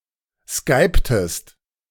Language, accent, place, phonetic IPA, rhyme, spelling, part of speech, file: German, Germany, Berlin, [ˈskaɪ̯ptəst], -aɪ̯ptəst, skyptest, verb, De-skyptest.ogg
- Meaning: inflection of skypen: 1. second-person singular preterite 2. second-person singular subjunctive II